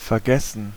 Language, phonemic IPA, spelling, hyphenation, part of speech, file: German, /fɛɐ̯ˈɡɛsən/, vergessen, ver‧ges‧sen, verb / adjective, De-vergessen.ogg
- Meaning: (verb) 1. to forget (lose remembrance of) 2. to forget (fail to do something out of forgetfulness) 3. to leave (forget to take) 4. to overlook, to miss 5. past participle of vergessen